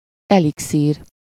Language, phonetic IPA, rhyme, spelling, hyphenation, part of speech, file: Hungarian, [ˈɛliksiːr], -iːr, elixír, eli‧xír, noun, Hu-elixír.ogg
- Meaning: elixir